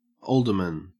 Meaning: 1. A member of a municipal legislative body in a city or town 2. A half-crown coin; its value, 30 pence 3. A long pipe for smoking 4. A large, protruding, or swollen abdomen; a paunch, a potbelly
- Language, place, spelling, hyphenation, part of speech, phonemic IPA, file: English, Queensland, alderman, ald‧er‧man, noun, /ˈoːldəmən/, En-au-alderman.ogg